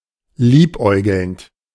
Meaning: present participle of liebäugeln
- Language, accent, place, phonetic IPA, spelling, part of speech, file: German, Germany, Berlin, [ˈliːpˌʔɔɪ̯ɡl̩nt], liebäugelnd, verb, De-liebäugelnd.ogg